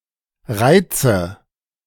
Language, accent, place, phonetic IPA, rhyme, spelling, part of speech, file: German, Germany, Berlin, [ˈʁaɪ̯t͡sə], -aɪ̯t͡sə, reize, verb, De-reize.ogg
- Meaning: inflection of reizen: 1. first-person singular present 2. first/third-person singular subjunctive I